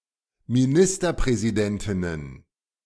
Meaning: plural of Ministerpräsidentin
- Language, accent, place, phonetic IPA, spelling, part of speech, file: German, Germany, Berlin, [miˈnɪstɐpʁɛːziˌdɛntɪnən], Ministerpräsidentinnen, noun, De-Ministerpräsidentinnen.ogg